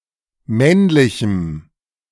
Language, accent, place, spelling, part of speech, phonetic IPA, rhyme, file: German, Germany, Berlin, männlichem, adjective, [ˈmɛnlɪçm̩], -ɛnlɪçm̩, De-männlichem.ogg
- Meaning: strong dative masculine/neuter singular of männlich